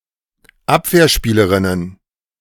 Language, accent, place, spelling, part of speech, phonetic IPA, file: German, Germany, Berlin, Abwehrspielerinnen, noun, [ˈapveːɐ̯ˌʃpiːləʁɪnən], De-Abwehrspielerinnen.ogg
- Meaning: plural of Abwehrspielerin